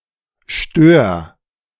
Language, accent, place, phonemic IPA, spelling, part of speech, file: German, Germany, Berlin, /ʃtøːɐ̯/, stör, verb, De-stör.ogg
- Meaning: singular imperative of stören